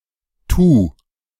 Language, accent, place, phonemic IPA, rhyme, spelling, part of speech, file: German, Germany, Berlin, /tuː/, -uː, tu, verb, De-tu.ogg
- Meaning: singular imperative of tun